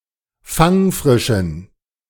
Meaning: inflection of fangfrisch: 1. strong genitive masculine/neuter singular 2. weak/mixed genitive/dative all-gender singular 3. strong/weak/mixed accusative masculine singular 4. strong dative plural
- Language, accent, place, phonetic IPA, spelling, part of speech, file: German, Germany, Berlin, [ˈfaŋˌfʁɪʃn̩], fangfrischen, adjective, De-fangfrischen.ogg